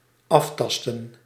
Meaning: to investigate/explore/inspect with the hands
- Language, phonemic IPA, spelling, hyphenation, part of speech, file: Dutch, /ˈɑftɑstə(n)/, aftasten, af‧tas‧ten, verb, Nl-aftasten.ogg